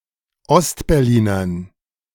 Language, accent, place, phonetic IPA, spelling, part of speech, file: German, Germany, Berlin, [ˈɔstbɛʁˌliːnɐn], Ostberlinern, noun, De-Ostberlinern.ogg
- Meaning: dative plural of Ostberliner